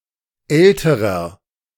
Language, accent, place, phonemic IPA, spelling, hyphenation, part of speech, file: German, Germany, Berlin, /ˈɛltəʁɐ/, älterer, äl‧te‧rer, adjective, De-älterer.ogg
- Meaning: inflection of alt: 1. strong/mixed nominative masculine singular comparative degree 2. strong genitive/dative feminine singular comparative degree 3. strong genitive plural comparative degree